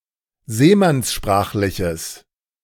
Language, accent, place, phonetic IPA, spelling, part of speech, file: German, Germany, Berlin, [ˈzeːmansˌʃpʁaːxlɪçəs], seemannssprachliches, adjective, De-seemannssprachliches.ogg
- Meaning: strong/mixed nominative/accusative neuter singular of seemannssprachlich